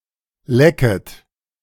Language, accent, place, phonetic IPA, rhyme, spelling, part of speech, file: German, Germany, Berlin, [ˈlɛkət], -ɛkət, lecket, verb, De-lecket.ogg
- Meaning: second-person plural subjunctive I of lecken